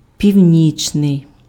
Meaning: 1. north, northern, northerly 2. midnight (attributive)
- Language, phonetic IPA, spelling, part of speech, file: Ukrainian, [pʲiu̯ˈnʲit͡ʃnei̯], північний, adjective, Uk-північний.ogg